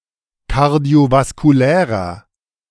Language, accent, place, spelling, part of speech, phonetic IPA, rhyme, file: German, Germany, Berlin, kardiovaskulärer, adjective, [kaʁdi̯ovaskuˈlɛːʁɐ], -ɛːʁɐ, De-kardiovaskulärer.ogg
- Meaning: inflection of kardiovaskulär: 1. strong/mixed nominative masculine singular 2. strong genitive/dative feminine singular 3. strong genitive plural